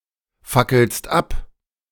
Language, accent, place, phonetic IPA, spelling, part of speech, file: German, Germany, Berlin, [ˌfakl̩st ˈap], fackelst ab, verb, De-fackelst ab.ogg
- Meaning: second-person singular present of abfackeln